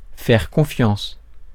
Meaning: to trust; to have trust
- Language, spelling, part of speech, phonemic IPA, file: French, faire confiance, verb, /fɛʁ kɔ̃.fjɑ̃s/, Fr-faire confiance.ogg